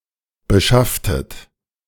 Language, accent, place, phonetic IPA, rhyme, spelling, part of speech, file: German, Germany, Berlin, [bəˈʃaftət], -aftət, beschafftet, verb, De-beschafftet.ogg
- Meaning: inflection of beschaffen: 1. second-person plural preterite 2. second-person plural subjunctive II